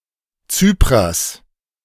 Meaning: genitive singular of Zyprer
- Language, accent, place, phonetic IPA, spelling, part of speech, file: German, Germany, Berlin, [ˈt͡syːpʁɐs], Zyprers, noun, De-Zyprers.ogg